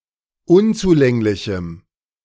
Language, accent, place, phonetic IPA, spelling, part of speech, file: German, Germany, Berlin, [ˈʊnt͡suˌlɛŋlɪçm̩], unzulänglichem, adjective, De-unzulänglichem.ogg
- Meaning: strong dative masculine/neuter singular of unzulänglich